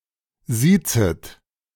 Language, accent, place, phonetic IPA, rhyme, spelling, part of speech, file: German, Germany, Berlin, [ˈziːt͡sət], -iːt͡sət, siezet, verb, De-siezet.ogg
- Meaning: second-person plural subjunctive I of siezen